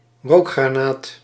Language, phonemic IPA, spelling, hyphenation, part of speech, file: Dutch, /ˈroːk.xraːˌnaːt/, rookgranaat, rook‧gra‧naat, noun, Nl-rookgranaat.ogg
- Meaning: smoke grenade